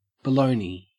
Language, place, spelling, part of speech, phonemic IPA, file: English, Queensland, baloney, noun, /bəˈləʉni/, En-au-baloney.ogg
- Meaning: A type of sausage; bologna